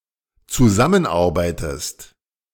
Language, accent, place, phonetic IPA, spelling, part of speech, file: German, Germany, Berlin, [t͡suˈzamənˌʔaʁbaɪ̯təst], zusammenarbeitest, verb, De-zusammenarbeitest.ogg
- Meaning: inflection of zusammenarbeiten: 1. second-person singular dependent present 2. second-person singular dependent subjunctive I